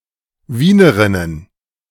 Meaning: plural of Wienerin
- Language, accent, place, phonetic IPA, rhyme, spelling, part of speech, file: German, Germany, Berlin, [ˈviːnəʁɪnən], -iːnəʁɪnən, Wienerinnen, noun, De-Wienerinnen.ogg